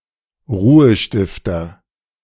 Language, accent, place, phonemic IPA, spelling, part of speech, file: German, Germany, Berlin, /ˈʁuːəˌʃtɪftɐ/, Ruhestifter, noun, De-Ruhestifter.ogg
- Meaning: peacemaker, appeaser